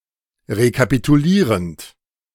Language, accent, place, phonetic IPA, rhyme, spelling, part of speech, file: German, Germany, Berlin, [ʁekapituˈliːʁənt], -iːʁənt, rekapitulierend, verb, De-rekapitulierend.ogg
- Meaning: present participle of rekapitulieren